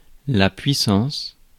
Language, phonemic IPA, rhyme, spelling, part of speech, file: French, /pɥi.sɑ̃s/, -ɑ̃s, puissance, noun / preposition, Fr-puissance.ogg
- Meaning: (noun) 1. power (physical or figuratively) 2. dominion (state within the British Empire); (preposition) to the power of